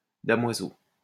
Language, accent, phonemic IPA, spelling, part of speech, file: French, France, /da.mwa.zo/, damoiseau, noun, LL-Q150 (fra)-damoiseau.wav
- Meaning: 1. young man 2. a young gentleman who was not yet a knight but aspired to be one; a young nobleman accompanying his lord or lady to hunt, walk, travel, etc